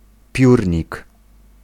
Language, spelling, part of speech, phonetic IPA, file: Polish, piórnik, noun, [ˈpʲjurʲɲik], Pl-piórnik.ogg